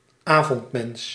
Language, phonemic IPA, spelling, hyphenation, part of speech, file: Dutch, /ˈaːvɔntˌmɛns/, avondmens, avond‧mens, noun, Nl-avondmens.ogg
- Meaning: night owl